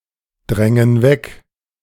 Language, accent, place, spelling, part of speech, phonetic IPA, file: German, Germany, Berlin, drängen weg, verb, [ˌdʁɛŋən ˈvɛk], De-drängen weg.ogg
- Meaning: inflection of wegdrängen: 1. first/third-person plural present 2. first/third-person plural subjunctive I